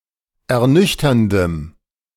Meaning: strong dative masculine/neuter singular of ernüchternd
- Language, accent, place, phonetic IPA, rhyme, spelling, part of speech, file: German, Germany, Berlin, [ɛɐ̯ˈnʏçtɐndəm], -ʏçtɐndəm, ernüchterndem, adjective, De-ernüchterndem.ogg